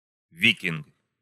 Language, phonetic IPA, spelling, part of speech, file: Russian, [ˈvʲikʲɪnk], викинг, noun, Ru-викинг.ogg
- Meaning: Viking